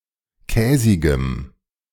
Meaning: strong dative masculine/neuter singular of käsig
- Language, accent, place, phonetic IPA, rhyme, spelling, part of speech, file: German, Germany, Berlin, [ˈkɛːzɪɡəm], -ɛːzɪɡəm, käsigem, adjective, De-käsigem.ogg